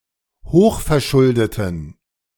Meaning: inflection of hochverschuldet: 1. strong genitive masculine/neuter singular 2. weak/mixed genitive/dative all-gender singular 3. strong/weak/mixed accusative masculine singular 4. strong dative plural
- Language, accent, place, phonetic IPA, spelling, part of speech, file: German, Germany, Berlin, [ˈhoːxfɛɐ̯ˌʃʊldətn̩], hochverschuldeten, adjective, De-hochverschuldeten.ogg